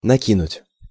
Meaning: 1. to throw on, to throw over 2. to add
- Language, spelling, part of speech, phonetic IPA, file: Russian, накинуть, verb, [nɐˈkʲinʊtʲ], Ru-накинуть.ogg